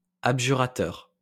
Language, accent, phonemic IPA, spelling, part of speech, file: French, France, /ab.ʒy.ʁa.tœʁ/, abjurateur, adjective / noun, LL-Q150 (fra)-abjurateur.wav
- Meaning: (adjective) alternative form of abjuratoire; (noun) someone who has committed abjuration